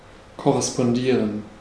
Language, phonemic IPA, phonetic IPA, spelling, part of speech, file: German, /kɔʁɛspɔnˈdiːʁən/, [kʰɔʁɛspɔnˈdiːɐ̯n], korrespondieren, verb, De-korrespondieren.ogg
- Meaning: to correspond